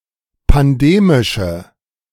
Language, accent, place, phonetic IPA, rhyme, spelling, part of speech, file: German, Germany, Berlin, [panˈdeːmɪʃə], -eːmɪʃə, pandemische, adjective, De-pandemische.ogg
- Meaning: inflection of pandemisch: 1. strong/mixed nominative/accusative feminine singular 2. strong nominative/accusative plural 3. weak nominative all-gender singular